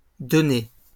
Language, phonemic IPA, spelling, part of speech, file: French, /dɔ.ne/, données, verb / noun, LL-Q150 (fra)-données.wav
- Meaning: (verb) feminine plural of donné; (noun) data